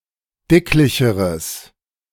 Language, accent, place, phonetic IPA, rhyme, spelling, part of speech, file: German, Germany, Berlin, [ˈdɪklɪçəʁəs], -ɪklɪçəʁəs, dicklicheres, adjective, De-dicklicheres.ogg
- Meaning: strong/mixed nominative/accusative neuter singular comparative degree of dicklich